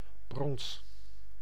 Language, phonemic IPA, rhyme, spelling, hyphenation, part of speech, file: Dutch, /brɔns/, -ɔns, brons, brons, noun / verb, Nl-brons.ogg
- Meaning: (noun) 1. bronze 2. a bronze; a work made of bronze 3. the color of bronze; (verb) inflection of bronzen: 1. first-person singular present indicative 2. second-person singular present indicative